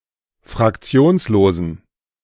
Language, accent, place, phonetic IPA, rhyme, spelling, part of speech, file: German, Germany, Berlin, [fʁakˈt͡si̯oːnsloːzn̩], -oːnsloːzn̩, fraktionslosen, adjective, De-fraktionslosen.ogg
- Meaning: inflection of fraktionslos: 1. strong genitive masculine/neuter singular 2. weak/mixed genitive/dative all-gender singular 3. strong/weak/mixed accusative masculine singular 4. strong dative plural